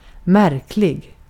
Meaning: strange, peculiar
- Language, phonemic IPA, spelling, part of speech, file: Swedish, /²mærklɪ(ɡ)/, märklig, adjective, Sv-märklig.ogg